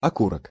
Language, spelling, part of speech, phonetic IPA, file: Russian, окурок, noun, [ɐˈkurək], Ru-окурок.ogg
- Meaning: cigarette butt, cigar butt